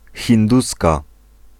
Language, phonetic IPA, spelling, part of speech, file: Polish, [xʲĩnˈduska], Hinduska, noun, Pl-Hinduska.ogg